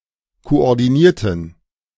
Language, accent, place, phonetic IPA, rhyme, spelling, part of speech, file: German, Germany, Berlin, [koʔɔʁdiˈniːɐ̯tn̩], -iːɐ̯tn̩, koordinierten, adjective / verb, De-koordinierten.ogg
- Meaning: inflection of koordinieren: 1. first/third-person plural preterite 2. first/third-person plural subjunctive II